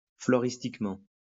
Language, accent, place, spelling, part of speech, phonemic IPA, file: French, France, Lyon, floristiquement, adverb, /flɔ.ʁis.tik.mɑ̃/, LL-Q150 (fra)-floristiquement.wav
- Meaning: floristically